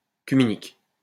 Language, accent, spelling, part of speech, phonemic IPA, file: French, France, cuminique, adjective, /ky.mi.nik/, LL-Q150 (fra)-cuminique.wav
- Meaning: cuminic